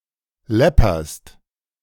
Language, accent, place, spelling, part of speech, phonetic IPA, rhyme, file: German, Germany, Berlin, läpperst, verb, [ˈlɛpɐst], -ɛpɐst, De-läpperst.ogg
- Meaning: second-person singular present of läppern